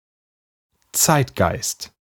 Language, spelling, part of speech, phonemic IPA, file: German, Zeitgeist, noun, /ˈtsaɪ̯t.ɡaɪ̯st/, De-Zeitgeist.ogg
- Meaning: spirit of the age; zeitgeist